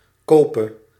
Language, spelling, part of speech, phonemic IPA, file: Dutch, kope, verb, /ˈkoːpə/, Nl-kope.ogg
- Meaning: singular present subjunctive of kopen